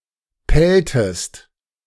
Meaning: inflection of pellen: 1. second-person singular preterite 2. second-person singular subjunctive II
- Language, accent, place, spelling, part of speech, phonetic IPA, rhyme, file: German, Germany, Berlin, pelltest, verb, [ˈpɛltəst], -ɛltəst, De-pelltest.ogg